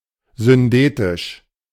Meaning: syndetic
- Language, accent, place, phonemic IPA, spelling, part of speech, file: German, Germany, Berlin, /zʏnˈdeːtɪʃ/, syndetisch, adjective, De-syndetisch.ogg